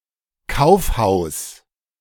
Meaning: department store
- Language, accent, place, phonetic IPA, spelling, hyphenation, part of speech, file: German, Germany, Berlin, [ˈkaʊ̯fˌhaʊ̯s], Kaufhaus, Kauf‧haus, noun, De-Kaufhaus.ogg